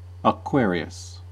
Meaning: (proper noun) A constellation of the zodiac, traditionally figured in the shape of a man (now also as a woman) carrying water
- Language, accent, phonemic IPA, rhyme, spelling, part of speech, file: English, US, /əˈkwɛəɹi.əs/, -ɛəɹiəs, Aquarius, proper noun / noun, En-us-Aquarius.ogg